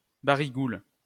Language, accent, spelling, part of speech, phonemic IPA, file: French, France, barigoule, noun, /ba.ʁi.ɡul/, LL-Q150 (fra)-barigoule.wav
- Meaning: saffron milk cap (Lactarius deliciosus)